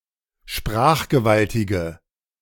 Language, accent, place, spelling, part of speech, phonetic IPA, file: German, Germany, Berlin, sprachgewaltige, adjective, [ˈʃpʁaːxɡəˌvaltɪɡə], De-sprachgewaltige.ogg
- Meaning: inflection of sprachgewaltig: 1. strong/mixed nominative/accusative feminine singular 2. strong nominative/accusative plural 3. weak nominative all-gender singular